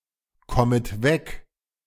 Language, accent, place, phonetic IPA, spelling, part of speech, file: German, Germany, Berlin, [ˌkɔmət ˈvɛk], kommet weg, verb, De-kommet weg.ogg
- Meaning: second-person plural subjunctive I of wegkommen